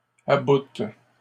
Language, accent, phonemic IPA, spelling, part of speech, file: French, Canada, /a.but/, aboutes, verb, LL-Q150 (fra)-aboutes.wav
- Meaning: second-person singular present indicative/subjunctive of abouter